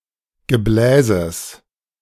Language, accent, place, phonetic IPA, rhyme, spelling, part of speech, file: German, Germany, Berlin, [ɡəˈblɛːzəs], -ɛːzəs, Gebläses, noun, De-Gebläses.ogg
- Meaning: genitive of Gebläse